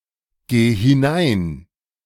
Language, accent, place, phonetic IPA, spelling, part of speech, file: German, Germany, Berlin, [ˌɡeː hɪˈnaɪ̯n], geh hinein, verb, De-geh hinein.ogg
- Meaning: singular imperative of hineingehen